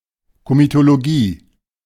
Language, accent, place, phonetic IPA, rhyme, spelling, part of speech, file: German, Germany, Berlin, [ˌkomitoloˈɡiː], -iː, Komitologie, noun, De-Komitologie.ogg
- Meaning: comitology (art of resolving issues by committees)